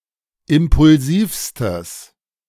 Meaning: strong/mixed nominative/accusative neuter singular superlative degree of impulsiv
- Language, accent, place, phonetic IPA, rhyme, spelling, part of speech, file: German, Germany, Berlin, [ˌɪmpʊlˈziːfstəs], -iːfstəs, impulsivstes, adjective, De-impulsivstes.ogg